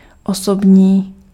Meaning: personal
- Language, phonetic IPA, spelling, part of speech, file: Czech, [ˈosobɲiː], osobní, adjective, Cs-osobní.ogg